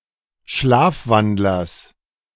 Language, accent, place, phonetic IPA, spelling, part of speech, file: German, Germany, Berlin, [ˈʃlaːfˌvandlɐs], Schlafwandlers, noun, De-Schlafwandlers.ogg
- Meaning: genitive singular of Schlafwandler